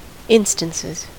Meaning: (noun) plural of instance; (verb) third-person singular simple present indicative of instance
- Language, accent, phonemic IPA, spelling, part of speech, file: English, US, /ˈɪnstənsɪz/, instances, noun / verb, En-us-instances.ogg